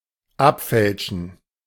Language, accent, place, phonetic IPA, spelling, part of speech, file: German, Germany, Berlin, [ˈapˌfɛlʃn̩], abfälschen, verb, De-abfälschen.ogg
- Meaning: to deflect (change the path of a shot or throw by unwittingly touching the ball)